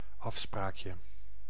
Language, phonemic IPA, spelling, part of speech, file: Dutch, /ˈɑfsprakjə/, afspraakje, noun, Nl-afspraakje.ogg
- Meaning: 1. diminutive of afspraak 2. a romantic date